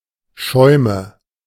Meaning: nominative/accusative/genitive plural of Schaum
- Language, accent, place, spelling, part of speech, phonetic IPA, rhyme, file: German, Germany, Berlin, Schäume, noun, [ˈʃɔɪ̯mə], -ɔɪ̯mə, De-Schäume.ogg